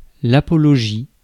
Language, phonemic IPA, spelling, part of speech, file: French, /a.pɔ.lɔ.ʒi/, apologie, noun, Fr-apologie.ogg
- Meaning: apology (formal justification, defence)